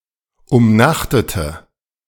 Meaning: inflection of umnachtet: 1. strong/mixed nominative/accusative feminine singular 2. strong nominative/accusative plural 3. weak nominative all-gender singular
- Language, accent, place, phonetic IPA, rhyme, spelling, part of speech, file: German, Germany, Berlin, [ʊmˈnaxtətə], -axtətə, umnachtete, adjective, De-umnachtete.ogg